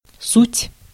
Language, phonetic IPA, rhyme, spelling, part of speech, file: Russian, [sutʲ], -utʲ, суть, noun / verb, Ru-суть.ogg
- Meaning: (noun) essence, core, gist, main point; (verb) third-person plural present indicative imperfective of быть (bytʹ); (they) are